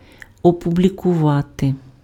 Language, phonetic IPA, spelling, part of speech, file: Ukrainian, [ɔpʊblʲikʊˈʋate], опублікувати, verb, Uk-опублікувати.ogg
- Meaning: to publish